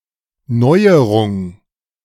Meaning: innovation
- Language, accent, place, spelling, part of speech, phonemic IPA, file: German, Germany, Berlin, Neuerung, noun, /ˈnɔɪ̯əʁʊŋ/, De-Neuerung.ogg